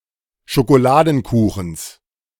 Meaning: genitive of Schokoladenkuchen
- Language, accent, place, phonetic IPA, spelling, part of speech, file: German, Germany, Berlin, [ʃokoˈlaːdn̩ˌkuːxn̩s], Schokoladenkuchens, noun, De-Schokoladenkuchens.ogg